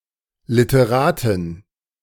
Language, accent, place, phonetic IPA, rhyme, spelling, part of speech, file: German, Germany, Berlin, [lɪtəˈʁaːtɪn], -aːtɪn, Literatin, noun, De-Literatin.ogg
- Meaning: woman of letters, author (female)